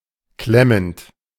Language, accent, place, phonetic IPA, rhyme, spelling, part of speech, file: German, Germany, Berlin, [ˈklɛmənt], -ɛmənt, klemmend, verb, De-klemmend.ogg
- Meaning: present participle of klemmen